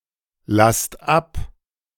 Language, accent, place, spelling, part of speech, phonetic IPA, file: German, Germany, Berlin, lasst ab, verb, [ˌlast ˈap], De-lasst ab.ogg
- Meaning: inflection of ablassen: 1. second-person plural present 2. plural imperative